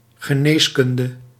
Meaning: medicine (discipline)
- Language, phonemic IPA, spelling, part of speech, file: Dutch, /ɣə.ˈneːsˌkʏn.də/, geneeskunde, noun, Nl-geneeskunde.ogg